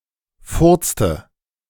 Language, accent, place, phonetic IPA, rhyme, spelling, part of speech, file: German, Germany, Berlin, [ˈfʊʁt͡stə], -ʊʁt͡stə, furzte, verb, De-furzte.ogg
- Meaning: inflection of furzen: 1. first/third-person singular preterite 2. first/third-person singular subjunctive II